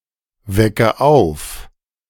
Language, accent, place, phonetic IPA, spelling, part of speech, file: German, Germany, Berlin, [ˌvɛkə ˈaʊ̯f], wecke auf, verb, De-wecke auf.ogg
- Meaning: inflection of aufwecken: 1. first-person singular present 2. first/third-person singular subjunctive I 3. singular imperative